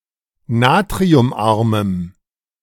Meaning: strong dative masculine/neuter singular of natriumarm
- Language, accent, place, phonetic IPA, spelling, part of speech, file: German, Germany, Berlin, [ˈnaːtʁiʊmˌʔaʁməm], natriumarmem, adjective, De-natriumarmem.ogg